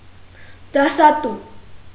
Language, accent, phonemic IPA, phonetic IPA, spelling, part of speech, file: Armenian, Eastern Armenian, /dɑsɑˈtu/, [dɑsɑtú], դասատու, noun, Hy-դասատու.ogg
- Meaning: school teacher